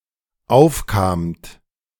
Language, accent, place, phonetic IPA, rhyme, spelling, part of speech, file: German, Germany, Berlin, [ˈaʊ̯fkaːmt], -aʊ̯fkaːmt, aufkamt, verb, De-aufkamt.ogg
- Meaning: second-person plural dependent preterite of aufkommen